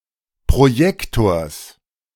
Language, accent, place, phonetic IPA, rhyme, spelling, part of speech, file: German, Germany, Berlin, [pʁoˈjɛktoːɐ̯s], -ɛktoːɐ̯s, Projektors, noun, De-Projektors.ogg
- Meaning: genitive singular of Projektor